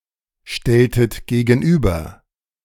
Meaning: inflection of gegenüberstellen: 1. second-person plural preterite 2. second-person plural subjunctive II
- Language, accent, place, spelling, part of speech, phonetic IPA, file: German, Germany, Berlin, stelltet gegenüber, verb, [ˌʃtɛltət ɡeːɡn̩ˈʔyːbɐ], De-stelltet gegenüber.ogg